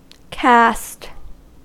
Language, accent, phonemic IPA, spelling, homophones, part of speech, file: English, US, /kæst/, caste, cast, noun, En-us-caste.ogg
- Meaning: Any of the hereditary social classes and subclasses of South Asian societies or similar found historically in other cultures